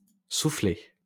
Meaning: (noun) soufflé; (verb) past participle of souffler
- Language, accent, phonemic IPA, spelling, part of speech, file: French, France, /su.fle/, soufflé, noun / verb, LL-Q150 (fra)-soufflé.wav